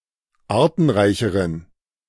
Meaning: inflection of artenreich: 1. strong genitive masculine/neuter singular comparative degree 2. weak/mixed genitive/dative all-gender singular comparative degree
- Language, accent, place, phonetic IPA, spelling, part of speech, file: German, Germany, Berlin, [ˈaːɐ̯tn̩ˌʁaɪ̯çəʁən], artenreicheren, adjective, De-artenreicheren.ogg